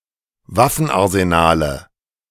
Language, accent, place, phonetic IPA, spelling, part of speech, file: German, Germany, Berlin, [ˈvafn̩ʔaʁzeˌnaːlə], Waffenarsenale, noun, De-Waffenarsenale.ogg
- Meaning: nominative/accusative/genitive plural of Waffenarsenal